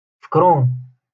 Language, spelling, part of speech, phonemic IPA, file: Moroccan Arabic, فكرون, noun, /fak.ruːn/, LL-Q56426 (ary)-فكرون.wav
- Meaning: tortoise, turtle